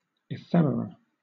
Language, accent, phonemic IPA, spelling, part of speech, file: English, Southern England, /ɪˈfɛməɹə/, ephemera, noun, LL-Q1860 (eng)-ephemera.wav
- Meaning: plural of ephemeron